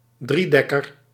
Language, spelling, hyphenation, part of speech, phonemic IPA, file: Dutch, driedekker, drie‧dek‧ker, noun, /ˈdriˌdɛ.kər/, Nl-driedekker.ogg
- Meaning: 1. triplane 2. three-decker (three-decked warship)